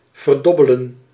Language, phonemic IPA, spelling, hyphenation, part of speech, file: Dutch, /vərˈdɔ.bə.lə(n)/, verdobbelen, ver‧dob‧be‧len, verb, Nl-verdobbelen.ogg
- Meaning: to waste on gambling in dice games